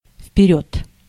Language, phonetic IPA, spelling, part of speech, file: Russian, [f⁽ʲ⁾pʲɪˈrʲɵt], вперёд, adverb, Ru-вперёд.ogg
- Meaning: 1. forward 2. from now on, for the future 3. in advance